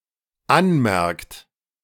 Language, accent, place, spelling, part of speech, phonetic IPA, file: German, Germany, Berlin, anmerkt, verb, [ˈanˌmɛʁkt], De-anmerkt.ogg
- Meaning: inflection of anmerken: 1. third-person singular dependent present 2. second-person plural dependent present